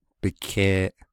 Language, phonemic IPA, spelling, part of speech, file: Navajo, /pɪ̀kʰèːʔ/, bikeeʼ, noun, Nv-bikeeʼ.ogg
- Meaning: 1. his/her/its/their foot/feet 2. his/her/their shoes